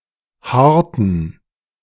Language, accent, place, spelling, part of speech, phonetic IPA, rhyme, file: German, Germany, Berlin, haarten, verb, [ˈhaːɐ̯tn̩], -aːɐ̯tn̩, De-haarten.ogg
- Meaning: inflection of haaren: 1. first/third-person plural preterite 2. first/third-person plural subjunctive II